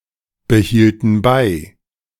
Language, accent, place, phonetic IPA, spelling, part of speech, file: German, Germany, Berlin, [bəˌhiːltn̩ ˈbaɪ̯], behielten bei, verb, De-behielten bei.ogg
- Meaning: inflection of beibehalten: 1. first/third-person plural preterite 2. first/third-person plural subjunctive II